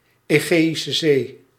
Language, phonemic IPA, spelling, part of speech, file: Dutch, /eːˌɣeː.i.sə ˈzeː/, Egeïsche Zee, proper noun, Nl-Egeïsche Zee.ogg
- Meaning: the Aegean Sea, the northeastern part of the Mediterranean Sea